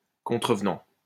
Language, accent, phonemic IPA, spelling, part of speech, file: French, France, /kɔ̃.tʁə.v(ə).nɑ̃/, contrevenant, verb / noun, LL-Q150 (fra)-contrevenant.wav
- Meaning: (verb) present participle of contrevenir; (noun) offender